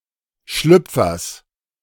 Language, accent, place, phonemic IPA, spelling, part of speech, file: German, Germany, Berlin, /ˈʃlʏpfɐs/, Schlüpfers, noun, De-Schlüpfers.ogg
- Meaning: genitive singular of Schlüpfer